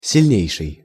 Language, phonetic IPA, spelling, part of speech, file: Russian, [sʲɪlʲˈnʲejʂɨj], сильнейший, adjective, Ru-сильнейший.ogg
- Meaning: superlative degree of си́льный (sílʹnyj)